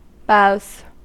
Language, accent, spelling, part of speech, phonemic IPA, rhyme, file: English, US, boughs, noun, /baʊz/, -aʊz, En-us-boughs.ogg
- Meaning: plural of bough